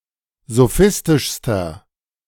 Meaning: inflection of sophistisch: 1. strong/mixed nominative masculine singular superlative degree 2. strong genitive/dative feminine singular superlative degree 3. strong genitive plural superlative degree
- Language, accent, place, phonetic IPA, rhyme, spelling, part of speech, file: German, Germany, Berlin, [zoˈfɪstɪʃstɐ], -ɪstɪʃstɐ, sophistischster, adjective, De-sophistischster.ogg